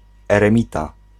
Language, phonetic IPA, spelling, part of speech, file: Polish, [ˌɛrɛ̃ˈmʲita], eremita, noun, Pl-eremita.ogg